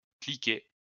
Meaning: pawl
- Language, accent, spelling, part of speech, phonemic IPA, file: French, France, cliquet, noun, /kli.kɛ/, LL-Q150 (fra)-cliquet.wav